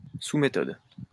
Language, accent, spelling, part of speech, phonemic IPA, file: French, France, sous-méthode, noun, /su.me.tɔd/, LL-Q150 (fra)-sous-méthode.wav
- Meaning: submethod